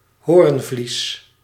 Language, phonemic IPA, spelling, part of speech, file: Dutch, /ˈhorᵊɱˌvlis/, hoornvlies, noun, Nl-hoornvlies.ogg
- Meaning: cornea